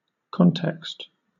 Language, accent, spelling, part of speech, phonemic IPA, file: English, Southern England, context, noun / verb / adjective, /ˈkɒn.tɛkst/, LL-Q1860 (eng)-context.wav
- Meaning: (noun) The surroundings, circumstances, environment, background or settings that determine, specify, or clarify the meaning of an event or other occurrence